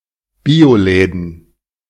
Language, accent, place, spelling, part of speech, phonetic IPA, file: German, Germany, Berlin, Bioläden, noun, [ˈbiːoˌlɛːdn̩], De-Bioläden.ogg
- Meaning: plural of Bioladen